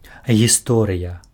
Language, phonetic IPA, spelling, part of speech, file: Belarusian, [ɣʲiˈstorɨja], гісторыя, noun, Be-гісторыя.ogg
- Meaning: 1. history (the academic discipline that studies the past) 2. tale, story (an account of real or fictional events) 3. incident (an event or occurrence)